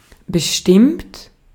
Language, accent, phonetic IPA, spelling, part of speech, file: German, Austria, [bəˈʃtɪmt], bestimmt, verb / adjective / adverb, De-at-bestimmt.ogg
- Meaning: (verb) past participle of bestimmen (“to determine”); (adjective) 1. certain 2. determined 3. definite; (adverb) certainly, definitely; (verb) inflection of bestimmen: third-person singular present